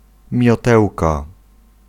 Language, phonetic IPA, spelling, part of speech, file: Polish, [mʲjɔˈtɛwka], miotełka, noun, Pl-miotełka.ogg